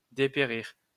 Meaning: to decline, to fade away, to wither away, to go downhill
- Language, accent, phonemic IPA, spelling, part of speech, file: French, France, /de.pe.ʁiʁ/, dépérir, verb, LL-Q150 (fra)-dépérir.wav